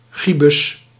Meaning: a gibus (foldable top hat)
- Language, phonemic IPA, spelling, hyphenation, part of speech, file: Dutch, /ʒiˈbʏs/, gibus, gi‧bus, noun, Nl-gibus.ogg